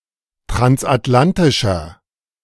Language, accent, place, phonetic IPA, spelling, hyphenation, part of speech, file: German, Germany, Berlin, [tʁansʔatˈlantɪʃɐ], transatlantischer, trans‧at‧lan‧ti‧scher, adjective, De-transatlantischer.ogg
- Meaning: inflection of transatlantisch: 1. strong/mixed nominative masculine singular 2. strong genitive/dative feminine singular 3. strong genitive plural